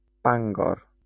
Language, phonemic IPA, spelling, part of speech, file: Welsh, /ˈbaŋɡɔr/, Bangor, proper noun, LL-Q9309 (cym)-Bangor.wav
- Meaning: Bangor (a city and community with a city council in Gwynedd, Wales (OS grid ref SH5872))